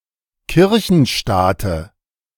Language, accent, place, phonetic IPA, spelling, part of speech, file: German, Germany, Berlin, [ˈkɪʁçn̩ˌʃtaːtə], Kirchenstaate, noun, De-Kirchenstaate.ogg
- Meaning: dative singular of Kirchenstaat